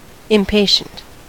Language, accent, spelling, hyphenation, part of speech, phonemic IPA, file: English, US, impatient, im‧pa‧tient, adjective, /ɪmˈpeɪʃənt/, En-us-impatient.ogg
- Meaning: 1. Restless, short of temper, and intolerant of delays 2. Anxious and eager, especially to begin or have something 3. Not to be borne; unendurable 4. Prompted by, or exhibiting, impatience